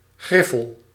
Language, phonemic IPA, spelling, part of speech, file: Dutch, /ˈɣrɪfəl/, griffel, noun / verb, Nl-griffel.ogg
- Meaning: stylus